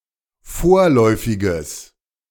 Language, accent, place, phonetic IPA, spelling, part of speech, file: German, Germany, Berlin, [ˈfoːɐ̯lɔɪ̯fɪɡəs], vorläufiges, adjective, De-vorläufiges.ogg
- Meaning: strong/mixed nominative/accusative neuter singular of vorläufig